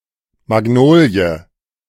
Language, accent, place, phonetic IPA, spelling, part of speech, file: German, Germany, Berlin, [maˈɡnoːli̯ə], Magnolie, noun, De-Magnolie.ogg
- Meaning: magnolia